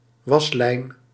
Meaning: clothesline
- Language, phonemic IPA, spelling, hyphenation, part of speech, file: Dutch, /ˈʋɑs.lɛi̯n/, waslijn, was‧lijn, noun, Nl-waslijn.ogg